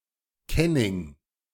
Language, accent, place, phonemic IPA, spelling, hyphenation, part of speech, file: German, Germany, Berlin, /ˈkɛnɪŋ/, Kenning, Ken‧ning, noun, De-Kenning.ogg
- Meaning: kenning